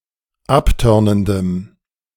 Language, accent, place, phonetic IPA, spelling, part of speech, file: German, Germany, Berlin, [ˈapˌtœʁnəndəm], abtörnendem, adjective, De-abtörnendem.ogg
- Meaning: strong dative masculine/neuter singular of abtörnend